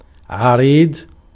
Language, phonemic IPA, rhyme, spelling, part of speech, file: Arabic, /ʕa.riːdˤ/, -iːdˤ, عريض, adjective, Ar-عريض.ogg
- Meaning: wide; broad